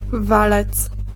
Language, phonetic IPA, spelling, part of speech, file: Polish, [ˈvalɛt͡s], walec, noun, Pl-walec.ogg